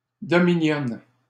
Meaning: dominion
- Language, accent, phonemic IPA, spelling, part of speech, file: French, Canada, /dɔ.mi.njɔ̃/, dominion, noun, LL-Q150 (fra)-dominion.wav